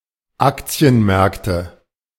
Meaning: nominative/accusative/genitive plural of Aktienmarkt
- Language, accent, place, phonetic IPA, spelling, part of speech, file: German, Germany, Berlin, [ˈakt͡si̯ənˌmɛʁktə], Aktienmärkte, noun, De-Aktienmärkte.ogg